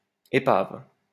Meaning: 1. wreck (ship, car, etc.) 2. human wreck, basket case 3. wreckage, piece of wreckage; flotsam 4. derelict 5. ruins
- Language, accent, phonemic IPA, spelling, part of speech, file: French, France, /e.pav/, épave, noun, LL-Q150 (fra)-épave.wav